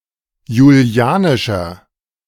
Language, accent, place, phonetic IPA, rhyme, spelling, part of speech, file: German, Germany, Berlin, [juˈli̯aːnɪʃɐ], -aːnɪʃɐ, julianischer, adjective, De-julianischer.ogg
- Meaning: inflection of julianisch: 1. strong/mixed nominative masculine singular 2. strong genitive/dative feminine singular 3. strong genitive plural